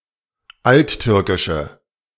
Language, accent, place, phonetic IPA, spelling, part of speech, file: German, Germany, Berlin, [ˈaltˌtʏʁkɪʃə], alttürkische, adjective, De-alttürkische.ogg
- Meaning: inflection of alttürkisch: 1. strong/mixed nominative/accusative feminine singular 2. strong nominative/accusative plural 3. weak nominative all-gender singular